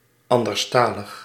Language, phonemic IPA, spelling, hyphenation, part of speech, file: Dutch, /ˌɑn.dərsˈtaː.ləx/, anderstalig, an‧ders‧ta‧lig, adjective, Nl-anderstalig.ogg
- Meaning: 1. relating to another language 2. speaking another language